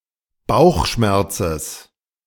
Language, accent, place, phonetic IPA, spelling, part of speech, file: German, Germany, Berlin, [ˈbaʊ̯xˌʃmɛʁt͡səs], Bauchschmerzes, noun, De-Bauchschmerzes.ogg
- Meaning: genitive of Bauchschmerz